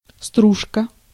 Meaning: shaving, shavings, chips
- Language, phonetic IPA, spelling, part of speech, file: Russian, [ˈstruʂkə], стружка, noun, Ru-стружка.ogg